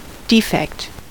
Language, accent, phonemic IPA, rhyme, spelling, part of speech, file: English, US, /ˈdiːfɛkt/, -ɛkt, defect, noun, En-us-defect.ogg
- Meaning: 1. A fault or malfunction 2. The quantity or amount by which anything falls short 3. A part by which a figure or quantity is wanting or deficient